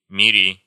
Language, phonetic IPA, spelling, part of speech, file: Russian, [mʲɪˈrʲi], мири, verb, Ru-мири.ogg
- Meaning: second-person singular imperative imperfective of мири́ть (mirítʹ)